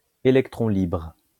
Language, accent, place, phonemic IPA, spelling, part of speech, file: French, France, Lyon, /e.lɛk.tʁɔ̃ libʁ/, électron libre, noun, LL-Q150 (fra)-électron libre.wav
- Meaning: 1. free electron 2. free spirit, free agent; loose cannon; catalyst